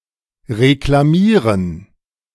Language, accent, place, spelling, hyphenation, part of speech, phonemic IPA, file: German, Germany, Berlin, reklamieren, re‧kla‧mie‧ren, verb, /ʁeklaˈmiːʁən/, De-reklamieren.ogg
- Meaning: 1. to complain (about something purchased) 2. to complain about; to query (something purchased)